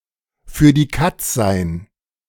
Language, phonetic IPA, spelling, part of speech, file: German, [fyːɐ̯ diː ˈkat͡s zaɪ̯n], für die Katz sein, phrase, De-für die Katz sein.ogg